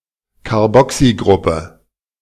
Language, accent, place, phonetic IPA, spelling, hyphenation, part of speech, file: German, Germany, Berlin, [kaʁˈbɔksiˌɡʁʊpə], Carboxygruppe, Car‧bo‧xy‧grup‧pe, noun, De-Carboxygruppe.ogg
- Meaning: carboxyl group (functional group)